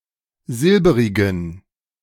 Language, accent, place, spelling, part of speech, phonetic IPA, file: German, Germany, Berlin, silberigen, adjective, [ˈzɪlbəʁɪɡn̩], De-silberigen.ogg
- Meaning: inflection of silberig: 1. strong genitive masculine/neuter singular 2. weak/mixed genitive/dative all-gender singular 3. strong/weak/mixed accusative masculine singular 4. strong dative plural